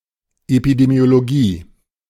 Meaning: epidemiology (branch of medicine dealing with transmission and control of disease in populations)
- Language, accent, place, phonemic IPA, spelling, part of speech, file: German, Germany, Berlin, /epidemi̯oloˈɡiː/, Epidemiologie, noun, De-Epidemiologie.ogg